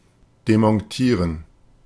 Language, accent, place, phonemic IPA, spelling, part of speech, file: German, Germany, Berlin, /demɔnˈtiːrən/, demontieren, verb, De-demontieren.ogg
- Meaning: to dismantle